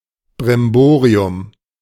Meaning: fuss, rigmarole
- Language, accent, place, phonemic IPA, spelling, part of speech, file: German, Germany, Berlin, /bʁɪmˈboːʁiʊm/, Brimborium, noun, De-Brimborium.ogg